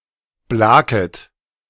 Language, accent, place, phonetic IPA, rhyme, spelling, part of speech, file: German, Germany, Berlin, [ˈblaːkət], -aːkət, blaket, verb, De-blaket.ogg
- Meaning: second-person plural subjunctive I of blaken